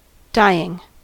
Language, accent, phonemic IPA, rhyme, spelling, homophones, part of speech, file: English, US, /ˈdaɪ.ɪŋ/, -aɪɪŋ, dying, dyeing, adjective / noun / verb, En-us-dying.ogg
- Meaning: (adjective) 1. Approaching death; about to die; moribund 2. Declining, terminal, or drawing to an end 3. Pertaining to death, or the moments before death